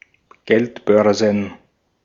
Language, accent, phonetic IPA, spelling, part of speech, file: German, Austria, [ˈɡɛltˌbœʁzn̩], Geldbörsen, noun, De-at-Geldbörsen.ogg
- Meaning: plural of Geldbörse